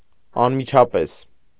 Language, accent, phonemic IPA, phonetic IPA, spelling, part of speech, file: Armenian, Eastern Armenian, /ɑnmit͡ʃʰɑˈpes/, [ɑnmit͡ʃʰɑpés], անմիջապես, adverb, Hy-անմիջապես.ogg
- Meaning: immediately, instantly, promptly, right away